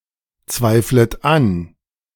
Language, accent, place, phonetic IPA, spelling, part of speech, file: German, Germany, Berlin, [ˌt͡svaɪ̯flət ˈan], zweiflet an, verb, De-zweiflet an.ogg
- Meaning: second-person plural subjunctive I of anzweifeln